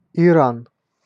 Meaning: Iran (a country in West Asia)
- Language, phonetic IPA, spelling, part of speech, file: Russian, [ɪˈran], Иран, proper noun, Ru-Иран.ogg